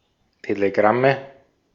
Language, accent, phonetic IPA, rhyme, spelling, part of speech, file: German, Austria, [teleˈɡʁamə], -amə, Telegramme, noun, De-at-Telegramme.ogg
- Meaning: nominative/accusative/genitive plural of Telegramm